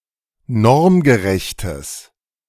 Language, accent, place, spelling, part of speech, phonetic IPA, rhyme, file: German, Germany, Berlin, normgerechtes, adjective, [ˈnɔʁmɡəˌʁɛçtəs], -ɔʁmɡəʁɛçtəs, De-normgerechtes.ogg
- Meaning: strong/mixed nominative/accusative neuter singular of normgerecht